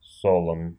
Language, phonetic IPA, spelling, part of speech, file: Russian, [ˈsoɫən], солон, adjective, Ru-со́лон.ogg
- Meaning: short masculine singular of солёный (soljónyj)